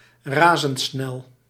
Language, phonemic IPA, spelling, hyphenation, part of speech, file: Dutch, /ˌraː.zəntˈsnɛl/, razendsnel, ra‧zend‧snel, adjective, Nl-razendsnel.ogg
- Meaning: superfast